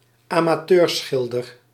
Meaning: amateur painter
- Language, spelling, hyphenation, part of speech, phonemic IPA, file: Dutch, amateurschilder, ama‧teur‧schil‧der, noun, /aː.maːˈtøːrˌsxɪl.dər/, Nl-amateurschilder.ogg